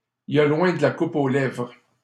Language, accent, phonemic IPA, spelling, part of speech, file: French, Canada, /i.l‿i.j‿a lwɛ̃ d(ə) la ku.p‿o lɛvʁ/, il y a loin de la coupe aux lèvres, proverb, LL-Q150 (fra)-il y a loin de la coupe aux lèvres.wav
- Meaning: there's many a slip twixt cup and lip